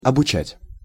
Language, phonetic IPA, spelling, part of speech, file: Russian, [ɐbʊˈt͡ɕætʲ], обучать, verb, Ru-обучать.ogg
- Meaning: to teach, to instruct, to train